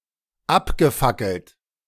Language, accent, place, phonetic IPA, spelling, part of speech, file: German, Germany, Berlin, [ˈapɡəˌfakl̩t], abgefackelt, verb, De-abgefackelt.ogg
- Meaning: past participle of abfackeln